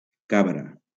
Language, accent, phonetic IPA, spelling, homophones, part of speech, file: Catalan, Valencia, [ˈka.bɾa], cabra, cabre, noun, LL-Q7026 (cat)-cabra.wav
- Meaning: 1. goat (mammal) 2. nanny goat (female goat) 3. goatskin 4. crab louse 5. European spider crab 6. whitecap